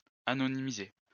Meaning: anonymize (to render anonymous)
- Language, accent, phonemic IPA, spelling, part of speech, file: French, France, /a.nɔ.ni.mi.ze/, anonymiser, verb, LL-Q150 (fra)-anonymiser.wav